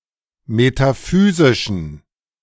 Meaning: inflection of metaphysisch: 1. strong genitive masculine/neuter singular 2. weak/mixed genitive/dative all-gender singular 3. strong/weak/mixed accusative masculine singular 4. strong dative plural
- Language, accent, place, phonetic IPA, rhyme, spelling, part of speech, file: German, Germany, Berlin, [metaˈfyːzɪʃn̩], -yːzɪʃn̩, metaphysischen, adjective, De-metaphysischen.ogg